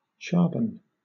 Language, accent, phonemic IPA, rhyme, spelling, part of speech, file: English, Southern England, /ˈt͡ʃɑː(ɹ)bən/, -ɑː(ɹ)bən, charbon, noun, LL-Q1860 (eng)-charbon.wav
- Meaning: A small black spot or mark remaining in the cavity of the corner tooth of a horse after the large spot or mark has become obliterated